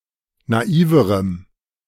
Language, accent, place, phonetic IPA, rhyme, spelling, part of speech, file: German, Germany, Berlin, [naˈiːvəʁəm], -iːvəʁəm, naiverem, adjective, De-naiverem.ogg
- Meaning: strong dative masculine/neuter singular comparative degree of naiv